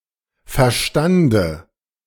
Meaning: dative of Verstand
- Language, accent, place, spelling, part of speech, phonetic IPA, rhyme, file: German, Germany, Berlin, Verstande, noun, [fɛɐ̯ˈʃtandə], -andə, De-Verstande.ogg